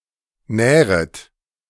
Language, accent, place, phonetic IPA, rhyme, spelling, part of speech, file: German, Germany, Berlin, [ˈnɛːʁət], -ɛːʁət, nähret, verb, De-nähret.ogg
- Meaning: second-person plural subjunctive I of nähern